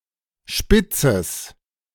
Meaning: genitive singular of Spitz
- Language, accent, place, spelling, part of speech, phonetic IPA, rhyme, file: German, Germany, Berlin, Spitzes, noun, [ˈʃpɪt͡səs], -ɪt͡səs, De-Spitzes.ogg